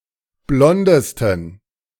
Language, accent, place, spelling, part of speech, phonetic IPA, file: German, Germany, Berlin, blondesten, adjective, [ˈblɔndəstn̩], De-blondesten.ogg
- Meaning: 1. superlative degree of blond 2. inflection of blond: strong genitive masculine/neuter singular superlative degree